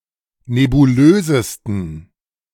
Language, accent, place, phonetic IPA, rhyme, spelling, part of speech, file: German, Germany, Berlin, [nebuˈløːzəstn̩], -øːzəstn̩, nebulösesten, adjective, De-nebulösesten.ogg
- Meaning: 1. superlative degree of nebulös 2. inflection of nebulös: strong genitive masculine/neuter singular superlative degree